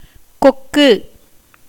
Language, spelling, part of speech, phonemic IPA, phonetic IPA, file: Tamil, கொக்கு, noun, /kokːɯ/, [ko̞kːɯ], Ta-கொக்கு.ogg
- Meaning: 1. crane (any bird of the family Gruidae, large birds with long legs and a long neck which is extended during flight) 2. stork, heron, paddybird 3. mango tree